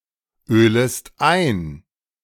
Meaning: second-person singular subjunctive I of einölen
- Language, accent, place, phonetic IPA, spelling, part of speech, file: German, Germany, Berlin, [ˌøːləst ˈaɪ̯n], ölest ein, verb, De-ölest ein.ogg